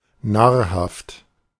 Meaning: nutritious, nutrient, nourishing
- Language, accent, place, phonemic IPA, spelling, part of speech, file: German, Germany, Berlin, /ˈnaːɐ̯haft/, nahrhaft, adjective, De-nahrhaft.ogg